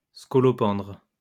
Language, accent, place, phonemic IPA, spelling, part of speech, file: French, France, Lyon, /skɔ.lɔ.pɑ̃dʁ/, scolopendre, noun, LL-Q150 (fra)-scolopendre.wav
- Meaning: 1. centipede 2. hart's-tongue fern (Asplenium scolopendrium)